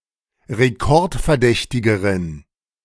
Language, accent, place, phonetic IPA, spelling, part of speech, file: German, Germany, Berlin, [ʁeˈkɔʁtfɛɐ̯ˌdɛçtɪɡəʁən], rekordverdächtigeren, adjective, De-rekordverdächtigeren.ogg
- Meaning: inflection of rekordverdächtig: 1. strong genitive masculine/neuter singular comparative degree 2. weak/mixed genitive/dative all-gender singular comparative degree